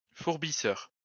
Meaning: furbisher (of weapons)
- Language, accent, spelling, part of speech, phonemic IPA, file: French, France, fourbisseur, noun, /fuʁ.bi.sœʁ/, LL-Q150 (fra)-fourbisseur.wav